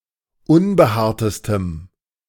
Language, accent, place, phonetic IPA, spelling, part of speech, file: German, Germany, Berlin, [ˈʊnbəˌhaːɐ̯təstəm], unbehaartestem, adjective, De-unbehaartestem.ogg
- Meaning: strong dative masculine/neuter singular superlative degree of unbehaart